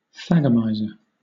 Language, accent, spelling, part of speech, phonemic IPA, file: English, Southern England, thagomizer, noun, /ˈθæɡ.ə.maɪ.zəɹ/, LL-Q1860 (eng)-thagomizer.wav
- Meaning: An arrangement of spikes found on the tails of various stegosaurs